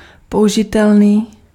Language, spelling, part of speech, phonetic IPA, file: Czech, použitelný, adjective, [ˈpoʔuʒɪtɛlniː], Cs-použitelný.ogg
- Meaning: usable